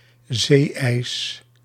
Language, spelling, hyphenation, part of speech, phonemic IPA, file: Dutch, zee-ijs, zee-ijs, noun, /ˈzeː.ɛi̯s/, Nl-zee-ijs.ogg
- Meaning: Official spelling of zeeijs